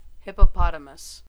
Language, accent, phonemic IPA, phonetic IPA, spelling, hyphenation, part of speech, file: English, US, /ˌhɪp.əˈpɑ.tə.məs/, [ˌhɪp.əˈpɑ.ɾə.məs], hippopotamus, hip‧po‧po‧ta‧mus, noun, En-us-hippopotamus.ogg
- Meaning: 1. A semi-aquatic, herbivorous, African hoofed mammal of the family Hippopotamidae 2. The common hippopotamus (Hippopotamus amphibius)